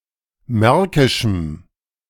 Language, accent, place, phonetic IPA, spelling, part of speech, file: German, Germany, Berlin, [ˈmɛʁkɪʃm̩], märkischem, adjective, De-märkischem.ogg
- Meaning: strong dative masculine/neuter singular of märkisch